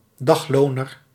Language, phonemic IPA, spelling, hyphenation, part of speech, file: Dutch, /ˈdɑxˌloː.nər/, dagloner, dag‧lo‧ner, noun, Nl-dagloner.ogg
- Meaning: a dayworker, day-labourer; one who works for daily wages, and is employed on daily basis, without mid- or long-term job security